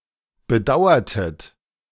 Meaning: inflection of bedauern: 1. second-person plural preterite 2. second-person plural subjunctive II
- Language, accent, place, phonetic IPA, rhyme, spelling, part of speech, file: German, Germany, Berlin, [bəˈdaʊ̯ɐtət], -aʊ̯ɐtət, bedauertet, verb, De-bedauertet.ogg